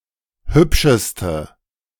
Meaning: inflection of hübsch: 1. strong/mixed nominative/accusative feminine singular superlative degree 2. strong nominative/accusative plural superlative degree
- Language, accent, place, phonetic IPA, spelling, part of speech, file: German, Germany, Berlin, [ˈhʏpʃəstə], hübscheste, adjective, De-hübscheste.ogg